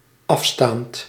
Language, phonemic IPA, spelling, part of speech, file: Dutch, /ˈɑfstant/, afstaand, verb, Nl-afstaand.ogg
- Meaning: present participle of afstaan